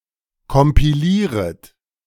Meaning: second-person plural subjunctive I of kompilieren
- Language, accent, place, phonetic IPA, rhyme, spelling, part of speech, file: German, Germany, Berlin, [kɔmpiˈliːʁət], -iːʁət, kompilieret, verb, De-kompilieret.ogg